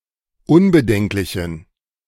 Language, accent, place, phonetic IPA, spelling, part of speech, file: German, Germany, Berlin, [ˈʊnbəˌdɛŋklɪçn̩], unbedenklichen, adjective, De-unbedenklichen.ogg
- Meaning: inflection of unbedenklich: 1. strong genitive masculine/neuter singular 2. weak/mixed genitive/dative all-gender singular 3. strong/weak/mixed accusative masculine singular 4. strong dative plural